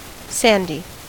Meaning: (adjective) 1. Covered with sand 2. Sprinkled with sand 3. Containing sand 4. Like sand, especially in texture 5. Having the colour of sand; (noun) 1. A sandwich 2. Ellipsis of pecan sandy
- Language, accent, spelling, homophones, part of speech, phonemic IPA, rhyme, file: English, US, sandy, sandhi, adjective / noun, /ˈsændi/, -ændi, En-us-sandy.ogg